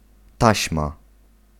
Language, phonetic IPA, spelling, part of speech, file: Polish, [ˈtaɕma], taśma, noun, Pl-taśma.ogg